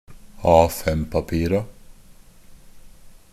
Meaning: definite plural of A5-papir
- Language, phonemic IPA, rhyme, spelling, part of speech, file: Norwegian Bokmål, /ˈɑːfɛmpapiːra/, -iːra, A5-papira, noun, NB - Pronunciation of Norwegian Bokmål «A5-papira».ogg